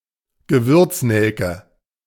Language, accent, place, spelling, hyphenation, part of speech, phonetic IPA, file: German, Germany, Berlin, Gewürznelke, Ge‧würz‧nel‧ke, noun, [ɡəˈvʏʁt͡sˌnɛlkə], De-Gewürznelke.ogg
- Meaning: clove